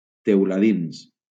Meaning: plural of teuladí
- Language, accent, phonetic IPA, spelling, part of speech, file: Catalan, Valencia, [tew.laˈðins], teuladins, noun, LL-Q7026 (cat)-teuladins.wav